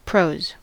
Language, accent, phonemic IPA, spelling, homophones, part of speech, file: English, General American, /ˈpɹoʊz/, prose, pros, noun / verb, En-us-prose.ogg
- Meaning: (noun) 1. Language, particularly written language, not intended as poetry 2. Language which evinces little imagination or animation; dull and commonplace discourse